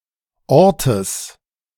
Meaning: genitive singular of Ort
- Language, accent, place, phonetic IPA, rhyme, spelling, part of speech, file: German, Germany, Berlin, [ˈɔʁtəs], -ɔʁtəs, Ortes, noun, De-Ortes.ogg